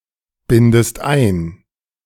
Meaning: inflection of einbinden: 1. second-person singular present 2. second-person singular subjunctive I
- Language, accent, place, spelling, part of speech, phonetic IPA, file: German, Germany, Berlin, bindest ein, verb, [ˌbɪndəst ˈaɪ̯n], De-bindest ein.ogg